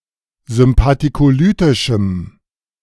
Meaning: strong dative masculine/neuter singular of sympathikolytisch
- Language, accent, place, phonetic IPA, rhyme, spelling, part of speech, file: German, Germany, Berlin, [zʏmpatikoˈlyːtɪʃm̩], -yːtɪʃm̩, sympathikolytischem, adjective, De-sympathikolytischem.ogg